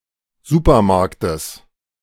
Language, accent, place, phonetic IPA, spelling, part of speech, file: German, Germany, Berlin, [ˈzuːpɐˌmaʁktəs], Supermarktes, noun, De-Supermarktes.ogg
- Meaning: genitive singular of Supermarkt